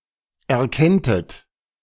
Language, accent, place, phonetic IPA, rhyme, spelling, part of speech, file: German, Germany, Berlin, [ɛɐ̯ˈkɛntət], -ɛntət, erkenntet, verb, De-erkenntet.ogg
- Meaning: second-person plural subjunctive II of erkennen